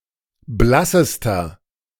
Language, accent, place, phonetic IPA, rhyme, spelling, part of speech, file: German, Germany, Berlin, [ˈblasəstɐ], -asəstɐ, blassester, adjective, De-blassester.ogg
- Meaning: inflection of blass: 1. strong/mixed nominative masculine singular superlative degree 2. strong genitive/dative feminine singular superlative degree 3. strong genitive plural superlative degree